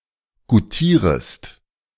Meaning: second-person singular subjunctive I of goutieren
- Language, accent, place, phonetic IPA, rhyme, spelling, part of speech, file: German, Germany, Berlin, [ɡuˈtiːʁəst], -iːʁəst, goutierest, verb, De-goutierest.ogg